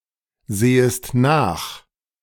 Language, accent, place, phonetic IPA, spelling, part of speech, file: German, Germany, Berlin, [ˌzeːəst ˈnaːx], sehest nach, verb, De-sehest nach.ogg
- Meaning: second-person singular subjunctive I of nachsehen